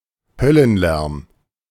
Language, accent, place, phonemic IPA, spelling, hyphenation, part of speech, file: German, Germany, Berlin, /ˈhœlənˌlɛʁm/, Höllenlärm, Höl‧len‧lärm, noun, De-Höllenlärm.ogg
- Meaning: very loud noise